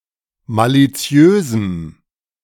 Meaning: strong dative masculine/neuter singular of maliziös
- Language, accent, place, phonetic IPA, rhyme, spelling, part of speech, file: German, Germany, Berlin, [ˌmaliˈt͡si̯øːzm̩], -øːzm̩, maliziösem, adjective, De-maliziösem.ogg